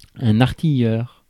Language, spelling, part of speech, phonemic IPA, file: French, artilleur, noun, /aʁ.ti.jœʁ/, Fr-artilleur.ogg
- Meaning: 1. gunner 2. hitman (goalscorer)